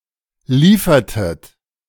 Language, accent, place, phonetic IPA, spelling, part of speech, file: German, Germany, Berlin, [ˈliːfɐtət], liefertet, verb, De-liefertet.ogg
- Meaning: inflection of liefern: 1. second-person plural preterite 2. second-person plural subjunctive II